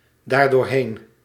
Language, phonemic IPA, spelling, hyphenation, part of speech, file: Dutch, /ˌdaːr.doːrˈɦeːn/, daardoorheen, daar‧door‧heen, adverb, Nl-daardoorheen.ogg
- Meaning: pronominal adverb form of doorheen + dat